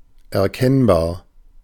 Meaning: recognizable, discernible, visible, identifiable
- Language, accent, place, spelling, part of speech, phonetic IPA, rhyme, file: German, Germany, Berlin, erkennbar, adjective, [ɛɐ̯ˈkɛnbaːɐ̯], -ɛnbaːɐ̯, De-erkennbar.ogg